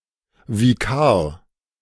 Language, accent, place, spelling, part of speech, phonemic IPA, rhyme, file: German, Germany, Berlin, Vikar, noun, /viˈkaːɐ̯/, -aːɐ̯, De-Vikar.ogg
- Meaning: vicar